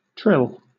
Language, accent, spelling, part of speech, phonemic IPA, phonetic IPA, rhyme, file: English, Southern England, trill, noun / verb, /tɹɪl/, [t̠ʰɹ̠̊ɪl], -ɪl, LL-Q1860 (eng)-trill.wav
- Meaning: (noun) A rapid alternation between an indicated note and the one above it as an ornament; in musical notation usually indicated with the letters tr written above the staff